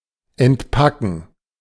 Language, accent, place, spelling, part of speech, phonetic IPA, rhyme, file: German, Germany, Berlin, entpacken, verb, [ɛntˈpakn̩], -akn̩, De-entpacken.ogg
- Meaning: to unzip, decompress, unpack, unpackage